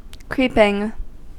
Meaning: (verb) present participle and gerund of creep; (noun) The act of something that creeps
- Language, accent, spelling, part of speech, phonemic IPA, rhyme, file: English, US, creeping, verb / noun, /ˈkɹiːpɪŋ/, -iːpɪŋ, En-us-creeping.ogg